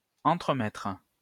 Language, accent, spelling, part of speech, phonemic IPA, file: French, France, entremettre, verb, /ɑ̃.tʁə.mɛtʁ/, LL-Q150 (fra)-entremettre.wav
- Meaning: to mediate